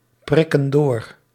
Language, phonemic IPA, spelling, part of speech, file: Dutch, /ˈprɪkə(n) ˈdor/, prikken door, verb, Nl-prikken door.ogg
- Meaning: inflection of doorprikken: 1. plural present indicative 2. plural present subjunctive